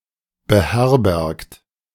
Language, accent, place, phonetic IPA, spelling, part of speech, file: German, Germany, Berlin, [bəˈhɛʁbɛʁkt], beherbergt, verb, De-beherbergt.ogg
- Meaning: 1. past participle of beherbergen 2. inflection of beherbergen: second-person plural present 3. inflection of beherbergen: third-person singular present 4. inflection of beherbergen: plural imperative